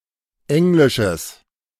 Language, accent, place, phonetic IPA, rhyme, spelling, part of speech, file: German, Germany, Berlin, [ˈɛŋlɪʃəs], -ɛŋlɪʃəs, englisches, adjective, De-englisches.ogg
- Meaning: strong/mixed nominative/accusative neuter singular of englisch